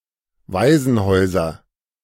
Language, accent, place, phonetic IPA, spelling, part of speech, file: German, Germany, Berlin, [ˈvaɪ̯zn̩ˌhɔɪ̯zɐ], Waisenhäuser, noun, De-Waisenhäuser.ogg
- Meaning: nominative/accusative/genitive plural of Waisenhaus